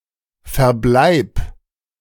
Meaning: singular imperative of verbleiben
- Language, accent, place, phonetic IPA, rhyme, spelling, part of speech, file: German, Germany, Berlin, [fɛɐ̯ˈblaɪ̯p], -aɪ̯p, verbleib, verb, De-verbleib.ogg